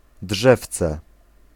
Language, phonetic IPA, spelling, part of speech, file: Polish, [ˈḍʒɛft͡sɛ], drzewce, noun, Pl-drzewce.ogg